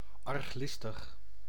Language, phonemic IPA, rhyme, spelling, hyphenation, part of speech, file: Dutch, /ˌɑrxˈlɪs.təx/, -ɪstəx, arglistig, arg‧lis‧tig, adjective, Nl-arglistig.ogg
- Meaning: ill-intentioned, malicious